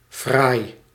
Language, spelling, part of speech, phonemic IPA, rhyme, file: Dutch, fraai, adjective, /fraːi̯/, -aːi̯, Nl-fraai.ogg
- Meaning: 1. beautiful, pretty, handsome 2. nice, fancy